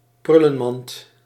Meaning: wastebasket (often specifically wastepaper basket)
- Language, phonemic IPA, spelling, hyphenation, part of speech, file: Dutch, /ˈprʏ.lə(n)ˌmɑnt/, prullenmand, prul‧len‧mand, noun, Nl-prullenmand.ogg